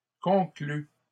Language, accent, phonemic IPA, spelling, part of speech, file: French, Canada, /kɔ̃.kly/, conclues, adjective / verb, LL-Q150 (fra)-conclues.wav
- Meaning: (adjective) feminine plural of conclu; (verb) second-person singular present subjunctive of conclure